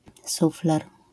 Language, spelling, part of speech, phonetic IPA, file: Polish, sufler, noun, [ˈsuflɛr], LL-Q809 (pol)-sufler.wav